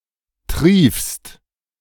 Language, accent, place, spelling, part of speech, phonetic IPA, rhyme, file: German, Germany, Berlin, triefst, verb, [tʁiːfst], -iːfst, De-triefst.ogg
- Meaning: second-person singular present of triefen